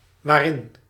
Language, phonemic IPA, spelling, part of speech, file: Dutch, /ˈʋaːrɪn/, waarin, adverb, Nl-waarin.ogg
- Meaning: pronominal adverb form of in + wat